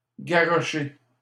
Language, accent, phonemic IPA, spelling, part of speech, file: French, Canada, /ɡa.ʁɔ.ʃe/, garocher, verb, LL-Q150 (fra)-garocher.wav
- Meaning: alternative form of garrocher